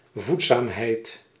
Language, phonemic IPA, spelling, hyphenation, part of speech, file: Dutch, /ˈvut.saːmˌɦɛi̯t/, voedzaamheid, voed‧zaam‧heid, noun, Nl-voedzaamheid.ogg
- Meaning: nutritiousness